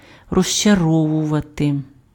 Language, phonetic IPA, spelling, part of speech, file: Ukrainian, [rɔʒt͡ʃɐˈrɔwʊʋɐte], розчаровувати, verb, Uk-розчаровувати.ogg
- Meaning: 1. to disappoint 2. to disillusion 3. to disenchant